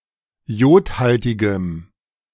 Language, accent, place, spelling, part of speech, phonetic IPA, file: German, Germany, Berlin, iodhaltigem, adjective, [ˈi̯oːtˌhaltɪɡəm], De-iodhaltigem.ogg
- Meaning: strong dative masculine/neuter singular of iodhaltig